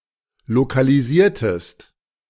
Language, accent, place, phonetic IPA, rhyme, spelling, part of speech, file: German, Germany, Berlin, [lokaliˈziːɐ̯təst], -iːɐ̯təst, lokalisiertest, verb, De-lokalisiertest.ogg
- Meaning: inflection of lokalisieren: 1. second-person singular preterite 2. second-person singular subjunctive II